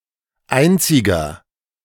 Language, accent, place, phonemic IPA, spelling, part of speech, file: German, Germany, Berlin, /ˈʔaɪntsɪɡɐ/, einziger, adjective, De-einziger.ogg
- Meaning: inflection of einzig: 1. strong/mixed nominative masculine singular 2. strong genitive/dative feminine singular 3. strong genitive plural